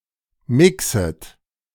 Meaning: second-person plural subjunctive I of mixen
- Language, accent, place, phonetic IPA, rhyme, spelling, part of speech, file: German, Germany, Berlin, [ˈmɪksət], -ɪksət, mixet, verb, De-mixet.ogg